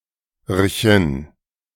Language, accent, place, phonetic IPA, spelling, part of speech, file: German, Germany, Berlin, [ɐçən], -erchen, suffix, De--erchen.ogg
- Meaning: plural of -chen